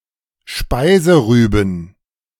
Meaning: plural of Speiserübe
- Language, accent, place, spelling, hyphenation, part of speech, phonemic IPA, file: German, Germany, Berlin, Speiserüben, Spei‧se‧rü‧ben, noun, /ˈʃpaɪzəˌʁyːbən/, De-Speiserüben.ogg